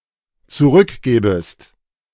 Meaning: second-person singular dependent subjunctive II of zurückgeben
- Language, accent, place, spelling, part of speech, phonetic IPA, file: German, Germany, Berlin, zurückgäbest, verb, [t͡suˈʁʏkˌɡɛːbəst], De-zurückgäbest.ogg